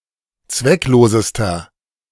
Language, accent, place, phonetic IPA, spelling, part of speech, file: German, Germany, Berlin, [ˈt͡svɛkˌloːzəstɐ], zwecklosester, adjective, De-zwecklosester.ogg
- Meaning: inflection of zwecklos: 1. strong/mixed nominative masculine singular superlative degree 2. strong genitive/dative feminine singular superlative degree 3. strong genitive plural superlative degree